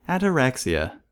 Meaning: Tranquility of mind; absence of mental disturbance
- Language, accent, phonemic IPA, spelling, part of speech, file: English, US, /ætəˈɹæksiə/, ataraxia, noun, En-us-ataraxia.ogg